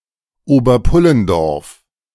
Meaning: a municipality of Burgenland, Austria
- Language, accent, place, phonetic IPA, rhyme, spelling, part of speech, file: German, Germany, Berlin, [ˌoːbɐˈpʊləndɔʁf], -ʊləndɔʁf, Oberpullendorf, proper noun, De-Oberpullendorf.ogg